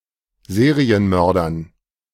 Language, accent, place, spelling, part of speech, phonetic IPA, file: German, Germany, Berlin, Serienmördern, noun, [ˈzeːʁiənˌmœʁdɐn], De-Serienmördern.ogg
- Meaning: dative plural of Serienmörder